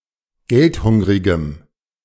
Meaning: strong dative masculine/neuter singular of geldhungrig
- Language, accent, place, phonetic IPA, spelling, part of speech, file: German, Germany, Berlin, [ˈɡɛltˌhʊŋʁɪɡəm], geldhungrigem, adjective, De-geldhungrigem.ogg